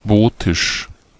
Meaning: Votic (language)
- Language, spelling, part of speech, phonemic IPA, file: German, Wotisch, proper noun, /ˈvoːtɪʃ/, De-Wotisch.ogg